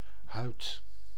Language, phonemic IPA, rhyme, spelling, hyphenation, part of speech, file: Dutch, /ɦœy̯t/, -œy̯t, huid, huid, noun, Nl-huid.ogg
- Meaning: 1. skin 2. hide 3. the hull of a ship or aircraft